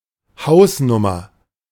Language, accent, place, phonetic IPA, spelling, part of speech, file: German, Germany, Berlin, [ˈhaʊ̯sˌnʊmɐ], Hausnummer, noun, De-Hausnummer.ogg
- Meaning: 1. house number 2. ballpark figure 3. a place in a statute by its number as relevant for answering a legal question